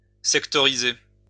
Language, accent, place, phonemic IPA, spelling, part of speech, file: French, France, Lyon, /sɛk.tɔ.ʁi.ze/, sectoriser, verb, LL-Q150 (fra)-sectoriser.wav
- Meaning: to sectorize (divide into sectors)